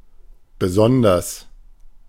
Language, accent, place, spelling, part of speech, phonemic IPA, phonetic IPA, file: German, Germany, Berlin, besonders, adverb, /beˈsɔndɐs/, [bəˈzɔndɐs], De-besonders.ogg
- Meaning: 1. especially, particularly 2. very, especially 3. exceptionally, separately